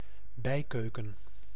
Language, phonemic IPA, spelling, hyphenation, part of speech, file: Dutch, /ˈbɛi̯ˌkøː.kə(n)/, bijkeuken, bij‧keu‧ken, noun, Nl-bijkeuken.ogg
- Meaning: a room near the kitchen; a scullery, a storeroom for the kitchen